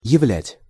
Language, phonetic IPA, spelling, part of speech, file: Russian, [(j)ɪˈvlʲætʲ], являть, verb, Ru-являть.ogg
- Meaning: to show; to display; to present